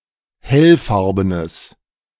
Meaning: strong/mixed nominative/accusative neuter singular of hellfarben
- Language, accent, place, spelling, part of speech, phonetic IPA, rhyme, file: German, Germany, Berlin, hellfarbenes, adjective, [ˈhɛlˌfaʁbənəs], -ɛlfaʁbənəs, De-hellfarbenes.ogg